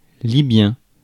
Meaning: Libyan
- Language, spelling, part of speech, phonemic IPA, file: French, libyen, adjective, /li.bjɛ̃/, Fr-libyen.ogg